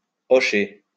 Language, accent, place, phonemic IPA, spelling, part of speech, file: French, France, Lyon, /ɔ.ʃe/, hocher, verb, LL-Q150 (fra)-hocher.wav
- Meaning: to nod (move one's head)